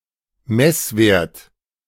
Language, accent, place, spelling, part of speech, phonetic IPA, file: German, Germany, Berlin, Messwert, noun, [ˈmɛsˌveːɐ̯t], De-Messwert.ogg
- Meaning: measurement, reading (measured value)